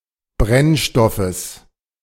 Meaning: genitive singular of Brennstoff
- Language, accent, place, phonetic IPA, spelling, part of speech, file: German, Germany, Berlin, [ˈbʁɛnˌʃtɔfəs], Brennstoffes, noun, De-Brennstoffes.ogg